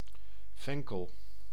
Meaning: fennel (Foeniculum vulgare)
- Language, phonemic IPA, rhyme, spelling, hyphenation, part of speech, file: Dutch, /ˈvɛŋ.kəl/, -ɛŋkəl, venkel, ven‧kel, noun, Nl-venkel.ogg